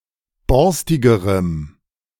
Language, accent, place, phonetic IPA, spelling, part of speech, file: German, Germany, Berlin, [ˈbɔʁstɪɡəʁəm], borstigerem, adjective, De-borstigerem.ogg
- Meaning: strong dative masculine/neuter singular comparative degree of borstig